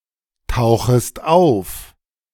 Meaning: second-person singular subjunctive I of auftauchen
- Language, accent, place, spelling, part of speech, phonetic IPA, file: German, Germany, Berlin, tauchest auf, verb, [ˌtaʊ̯xəst ˈaʊ̯f], De-tauchest auf.ogg